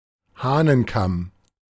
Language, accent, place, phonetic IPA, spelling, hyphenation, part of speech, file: German, Germany, Berlin, [ˈhaːnənˌkam], Hahnenkamm, Hah‧nen‧kamm, noun, De-Hahnenkamm.ogg
- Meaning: 1. cockscomb (fleshy red crest of a rooster) 2. cockscomb (Celosia argentea var. cristata)